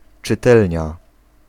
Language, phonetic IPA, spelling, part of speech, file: Polish, [t͡ʃɨˈtɛlʲɲa], czytelnia, noun, Pl-czytelnia.ogg